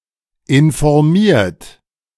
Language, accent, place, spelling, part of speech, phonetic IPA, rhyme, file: German, Germany, Berlin, informiert, adjective / verb, [ɪnfɔʁˈmiːɐ̯t], -iːɐ̯t, De-informiert.ogg
- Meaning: 1. past participle of informieren 2. inflection of informieren: third-person singular present 3. inflection of informieren: second-person plural present 4. inflection of informieren: plural imperative